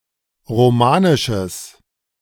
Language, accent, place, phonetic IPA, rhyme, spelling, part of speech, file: German, Germany, Berlin, [ʁoˈmaːnɪʃəs], -aːnɪʃəs, romanisches, adjective, De-romanisches.ogg
- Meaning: strong/mixed nominative/accusative neuter singular of romanisch